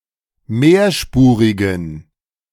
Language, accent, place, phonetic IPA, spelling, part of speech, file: German, Germany, Berlin, [ˈmeːɐ̯ˌʃpuːʁɪɡn̩], mehrspurigen, adjective, De-mehrspurigen.ogg
- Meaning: inflection of mehrspurig: 1. strong genitive masculine/neuter singular 2. weak/mixed genitive/dative all-gender singular 3. strong/weak/mixed accusative masculine singular 4. strong dative plural